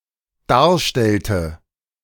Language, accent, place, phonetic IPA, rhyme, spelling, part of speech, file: German, Germany, Berlin, [ˈdaːɐ̯ˌʃtɛltə], -aːɐ̯ʃtɛltə, darstellte, verb, De-darstellte.ogg
- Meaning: inflection of darstellen: 1. first/third-person singular dependent preterite 2. first/third-person singular dependent subjunctive II